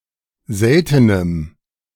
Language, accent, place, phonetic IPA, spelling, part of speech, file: German, Germany, Berlin, [ˈzɛltənəm], seltenem, adjective, De-seltenem.ogg
- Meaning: strong dative masculine/neuter singular of selten